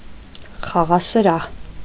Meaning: gambling house, gaming house; casino
- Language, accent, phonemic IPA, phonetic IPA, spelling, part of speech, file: Armenian, Eastern Armenian, /χɑʁɑsəˈɾɑh/, [χɑʁɑsəɾɑ́h], խաղասրահ, noun, Hy-խաղասրահ.ogg